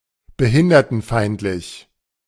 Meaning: that discriminates against the disabled
- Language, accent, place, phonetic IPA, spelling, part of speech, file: German, Germany, Berlin, [bəˈhɪndɐtn̩ˌfaɪ̯ntlɪç], behindertenfeindlich, adjective, De-behindertenfeindlich.ogg